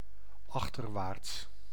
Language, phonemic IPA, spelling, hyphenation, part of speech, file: Dutch, /ˈɑx.tərˌʋaːrts/, achterwaarts, ach‧ter‧waarts, adjective / adverb, Nl-achterwaarts.ogg
- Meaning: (adjective) backward; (adverb) backwards